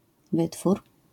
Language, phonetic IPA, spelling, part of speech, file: Polish, [ˈvɨtfur], wytwór, noun, LL-Q809 (pol)-wytwór.wav